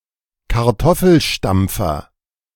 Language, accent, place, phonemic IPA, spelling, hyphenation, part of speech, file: German, Germany, Berlin, /kaʁˈtɔfl̩ˌʃtampfɐ/, Kartoffelstampfer, Kar‧tof‧fel‧stamp‧fer, noun, De-Kartoffelstampfer.ogg
- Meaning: potato masher